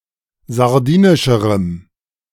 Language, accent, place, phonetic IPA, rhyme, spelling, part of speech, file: German, Germany, Berlin, [zaʁˈdiːnɪʃəʁəm], -iːnɪʃəʁəm, sardinischerem, adjective, De-sardinischerem.ogg
- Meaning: strong dative masculine/neuter singular comparative degree of sardinisch